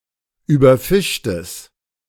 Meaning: strong/mixed nominative/accusative neuter singular of überfischt
- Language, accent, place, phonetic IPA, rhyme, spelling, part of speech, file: German, Germany, Berlin, [ˌyːbɐˈfɪʃtəs], -ɪʃtəs, überfischtes, adjective, De-überfischtes.ogg